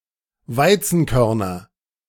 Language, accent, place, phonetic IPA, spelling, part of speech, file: German, Germany, Berlin, [ˈvaɪ̯t͡sn̩ˌkœʁnɐ], Weizenkörner, noun, De-Weizenkörner.ogg
- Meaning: nominative/accusative/genitive plural of Weizenkorn